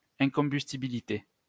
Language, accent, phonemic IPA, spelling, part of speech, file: French, France, /ɛ̃.kɔ̃.bys.ti.bi.li.te/, incombustibilité, noun, LL-Q150 (fra)-incombustibilité.wav
- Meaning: incombustibility